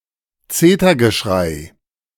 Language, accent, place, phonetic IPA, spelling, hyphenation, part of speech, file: German, Germany, Berlin, [ˈt͡seːtɐɡəˌʃʁaɪ̯], Zetergeschrei, Ze‧ter‧ge‧schrei, noun, De-Zetergeschrei.ogg
- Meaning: clamor